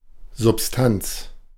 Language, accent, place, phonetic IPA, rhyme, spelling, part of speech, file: German, Germany, Berlin, [zʊpˈstant͡s], -ant͡s, Substanz, noun, De-Substanz.ogg
- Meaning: 1. substance, matter, material 2. substance (concrete arguments or points being presented) 3. stock (that which has already been built up or stockpiled)